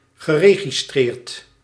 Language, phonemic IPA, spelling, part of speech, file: Dutch, /ɣəˌreɣiˈstrert/, geregistreerd, verb / adjective, Nl-geregistreerd.ogg
- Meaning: past participle of registreren